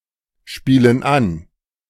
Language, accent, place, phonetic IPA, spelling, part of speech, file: German, Germany, Berlin, [ˌʃpiːlən ˈan], spielen an, verb, De-spielen an.ogg
- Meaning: inflection of anspielen: 1. first/third-person plural present 2. first/third-person plural subjunctive I